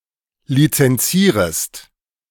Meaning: second-person singular subjunctive I of lizenzieren
- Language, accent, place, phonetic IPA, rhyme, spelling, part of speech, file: German, Germany, Berlin, [lit͡sɛnˈt͡siːʁəst], -iːʁəst, lizenzierest, verb, De-lizenzierest.ogg